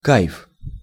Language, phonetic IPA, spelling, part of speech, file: Russian, [kajf], кайф, noun, Ru-кайф.ogg
- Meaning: 1. kif, high (euphoria or pleasant stupor caused by a recreational drug) 2. bliss, pleasant idleness